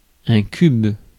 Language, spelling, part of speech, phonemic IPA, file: French, cube, noun / adjective / verb, /kyb/, Fr-cube.ogg
- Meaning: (noun) 1. cube (all senses) 2. third-grader; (adjective) cubic; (verb) inflection of cuber: 1. first/third-person singular present indicative/subjunctive 2. second-person singular imperative